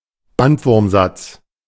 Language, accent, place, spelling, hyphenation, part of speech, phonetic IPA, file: German, Germany, Berlin, Bandwurmsatz, Band‧wurm‧satz, noun, [ˈbantvʊʁmˌzat͡s], De-Bandwurmsatz.ogg
- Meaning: run-on sentence